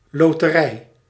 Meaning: lottery
- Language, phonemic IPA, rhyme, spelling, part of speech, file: Dutch, /lɔ.təˈrɛi̯/, -ɛi̯, loterij, noun, Nl-loterij.ogg